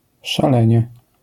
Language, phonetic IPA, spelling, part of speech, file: Polish, [ʃaˈlɛ̃ɲɛ], szalenie, noun / adverb, LL-Q809 (pol)-szalenie.wav